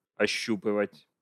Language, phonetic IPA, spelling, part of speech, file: Russian, [ɐˈɕːupɨvətʲ], ощупывать, verb, Ru-ощупывать.ogg
- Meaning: to feel (with fingers)